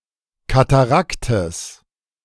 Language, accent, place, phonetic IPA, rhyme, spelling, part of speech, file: German, Germany, Berlin, [kataˈʁaktəs], -aktəs, Kataraktes, noun, De-Kataraktes.ogg
- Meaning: genitive singular of Katarakt